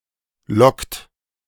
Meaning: inflection of locken: 1. second-person plural present 2. third-person singular present 3. plural imperative
- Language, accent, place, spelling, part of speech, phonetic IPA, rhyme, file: German, Germany, Berlin, lockt, verb, [lɔkt], -ɔkt, De-lockt.ogg